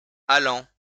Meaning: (verb) present participle of aller; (adjective) active; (noun) goer (used in the plural phrase "allants et venants" - "comers and goers")
- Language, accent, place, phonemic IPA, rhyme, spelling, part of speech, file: French, France, Lyon, /a.lɑ̃/, -ɑ̃, allant, verb / adjective / noun, LL-Q150 (fra)-allant.wav